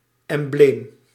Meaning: 1. emblem (representative symbol) 2. emblem (metaphorical or meditative picture accompanied with a text)
- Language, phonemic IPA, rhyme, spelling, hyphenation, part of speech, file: Dutch, /ɛmˈbleːm/, -eːm, embleem, em‧bleem, noun, Nl-embleem.ogg